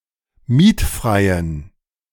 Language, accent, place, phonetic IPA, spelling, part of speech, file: German, Germany, Berlin, [ˈmiːtˌfʁaɪ̯ən], mietfreien, adjective, De-mietfreien.ogg
- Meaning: inflection of mietfrei: 1. strong genitive masculine/neuter singular 2. weak/mixed genitive/dative all-gender singular 3. strong/weak/mixed accusative masculine singular 4. strong dative plural